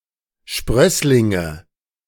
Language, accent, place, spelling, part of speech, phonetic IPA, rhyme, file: German, Germany, Berlin, Sprösslinge, noun, [ˈʃpʁœslɪŋə], -œslɪŋə, De-Sprösslinge.ogg
- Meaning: nominative/accusative/genitive plural of Sprössling